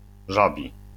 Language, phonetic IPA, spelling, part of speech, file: Polish, [ˈʒabʲi], żabi, adjective, LL-Q809 (pol)-żabi.wav